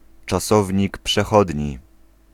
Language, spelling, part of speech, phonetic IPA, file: Polish, czasownik przechodni, noun, [t͡ʃaˈsɔvʲɲik pʃɛˈxɔdʲɲi], Pl-czasownik przechodni.ogg